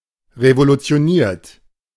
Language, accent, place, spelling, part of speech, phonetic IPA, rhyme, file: German, Germany, Berlin, revolutioniert, verb, [ʁevolut͡si̯oˈniːɐ̯t], -iːɐ̯t, De-revolutioniert.ogg
- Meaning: 1. past participle of revolutionieren 2. inflection of revolutionieren: third-person singular present 3. inflection of revolutionieren: second-person plural present